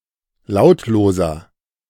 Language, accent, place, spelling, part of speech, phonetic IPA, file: German, Germany, Berlin, lautloser, adjective, [ˈlaʊ̯tloːzɐ], De-lautloser.ogg
- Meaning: inflection of lautlos: 1. strong/mixed nominative masculine singular 2. strong genitive/dative feminine singular 3. strong genitive plural